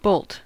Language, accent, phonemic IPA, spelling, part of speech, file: English, US, /boʊlt/, bolt, noun / verb / adverb, En-us-bolt.ogg